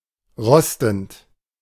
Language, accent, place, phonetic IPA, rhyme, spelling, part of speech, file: German, Germany, Berlin, [ˈʁɔstn̩t], -ɔstn̩t, rostend, verb, De-rostend.ogg
- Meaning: present participle of rosten